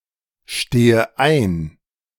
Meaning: inflection of einstehen: 1. first-person singular present 2. first/third-person singular subjunctive I 3. singular imperative
- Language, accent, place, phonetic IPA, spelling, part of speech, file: German, Germany, Berlin, [ˌʃteːə ˈaɪ̯n], stehe ein, verb, De-stehe ein.ogg